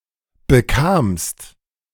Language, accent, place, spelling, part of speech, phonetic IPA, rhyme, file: German, Germany, Berlin, bekamst, verb, [bəˈkaːmst], -aːmst, De-bekamst.ogg
- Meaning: second-person singular preterite of bekommen